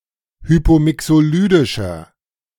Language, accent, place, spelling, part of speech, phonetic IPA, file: German, Germany, Berlin, hypomixolydischer, adjective, [ˈhyːpoːˌmɪksoːˌlyːdɪʃɐ], De-hypomixolydischer.ogg
- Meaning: inflection of hypomixolydisch: 1. strong/mixed nominative masculine singular 2. strong genitive/dative feminine singular 3. strong genitive plural